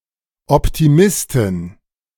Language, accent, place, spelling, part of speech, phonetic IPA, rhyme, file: German, Germany, Berlin, Optimistin, noun, [ɔptiˈmɪstɪn], -ɪstɪn, De-Optimistin.ogg
- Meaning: female equivalent of Optimist